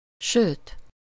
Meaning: what's more, moreover, and even, indeed
- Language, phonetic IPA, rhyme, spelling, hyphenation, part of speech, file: Hungarian, [ˈʃøːt], -øːt, sőt, sőt, conjunction, Hu-sőt.ogg